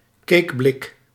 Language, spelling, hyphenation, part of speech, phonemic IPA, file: Dutch, cakeblik, cake‧blik, noun, /ˈkeːk.blɪk/, Nl-cakeblik.ogg
- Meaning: a cake tin